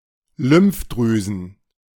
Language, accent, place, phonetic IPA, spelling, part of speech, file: German, Germany, Berlin, [ˈlʏmfˌdʁyːzn̩], Lymphdrüsen, noun, De-Lymphdrüsen.ogg
- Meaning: plural of Lymphdrüse